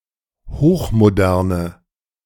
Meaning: inflection of hochmodern: 1. strong/mixed nominative/accusative feminine singular 2. strong nominative/accusative plural 3. weak nominative all-gender singular
- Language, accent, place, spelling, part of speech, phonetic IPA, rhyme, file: German, Germany, Berlin, hochmoderne, adjective, [ˌhoːxmoˈdɛʁnə], -ɛʁnə, De-hochmoderne.ogg